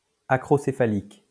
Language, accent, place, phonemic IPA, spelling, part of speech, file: French, France, Lyon, /a.kʁɔ.se.fa.lik/, acrocéphalique, adjective, LL-Q150 (fra)-acrocéphalique.wav
- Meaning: acrocephalic